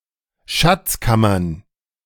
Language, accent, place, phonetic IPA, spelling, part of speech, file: German, Germany, Berlin, [ˌʃɛt͡sət ˈaɪ̯n], schätzet ein, verb, De-schätzet ein.ogg
- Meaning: second-person plural subjunctive I of einschätzen